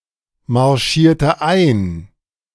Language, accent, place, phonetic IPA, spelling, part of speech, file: German, Germany, Berlin, [maʁˌʃiːɐ̯tə ˈaɪ̯n], marschierte ein, verb, De-marschierte ein.ogg
- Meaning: inflection of einmarschieren: 1. first/third-person singular preterite 2. first/third-person singular subjunctive II